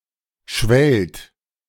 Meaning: inflection of schwellen: 1. second-person plural present 2. plural imperative
- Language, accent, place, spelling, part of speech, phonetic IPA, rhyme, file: German, Germany, Berlin, schwellt, verb, [ʃvɛlt], -ɛlt, De-schwellt.ogg